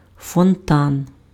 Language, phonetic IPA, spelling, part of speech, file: Ukrainian, [fɔnˈtan], фонтан, noun, Uk-фонтан.ogg
- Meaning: fountain (artificial, usually ornamental, water feature)